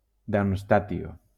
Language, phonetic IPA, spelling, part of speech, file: Spanish, [daɾmsˈtatjo], darmstatio, noun, LL-Q1321 (spa)-darmstatio.wav